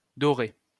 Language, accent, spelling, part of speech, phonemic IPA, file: French, France, dorée, verb, /dɔ.ʁe/, LL-Q150 (fra)-dorée.wav
- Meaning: feminine singular of doré